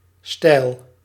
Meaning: 1. steep 2. straight, not curly
- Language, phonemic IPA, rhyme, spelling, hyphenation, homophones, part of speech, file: Dutch, /stɛi̯l/, -ɛi̯l, steil, steil, stijl / Steyl, adjective, Nl-steil.ogg